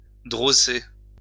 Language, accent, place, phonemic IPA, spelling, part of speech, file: French, France, Lyon, /dʁɔ.se/, drosser, verb, LL-Q150 (fra)-drosser.wav
- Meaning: to put off course